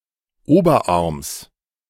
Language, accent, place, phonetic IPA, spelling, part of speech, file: German, Germany, Berlin, [ˈoːbɐˌʔaʁms], Oberarms, noun, De-Oberarms.ogg
- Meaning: genitive singular of Oberarm